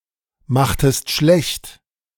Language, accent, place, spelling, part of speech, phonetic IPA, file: German, Germany, Berlin, machtest schlecht, verb, [ˌmaxtəst ˈʃlɛçt], De-machtest schlecht.ogg
- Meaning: inflection of schlechtmachen: 1. second-person singular preterite 2. second-person singular subjunctive II